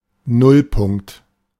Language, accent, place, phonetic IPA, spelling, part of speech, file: German, Germany, Berlin, [ˈnʊlˌpʊŋkt], Nullpunkt, noun, De-Nullpunkt.ogg
- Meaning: zero point